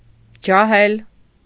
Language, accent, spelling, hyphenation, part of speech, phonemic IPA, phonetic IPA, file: Armenian, Eastern Armenian, ջահել, ջա‧հել, adjective / noun, /d͡ʒɑˈhel/, [d͡ʒɑhél], Hy-ջահել.ogg
- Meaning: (adjective) 1. young 2. inexperienced; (noun) 1. young person 2. inexperienced person